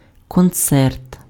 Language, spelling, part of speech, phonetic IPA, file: Ukrainian, концерт, noun, [kɔnˈt͡sɛrt], Uk-концерт.ogg
- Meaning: 1. concert (musical entertainment in which several voices or instruments take part) 2. concerto (piece of music for one or more solo instruments and orchestra)